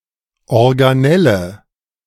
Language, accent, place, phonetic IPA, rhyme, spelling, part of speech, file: German, Germany, Berlin, [ɔʁɡaˈnɛlə], -ɛlə, Organelle, noun, De-Organelle.ogg
- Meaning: organelle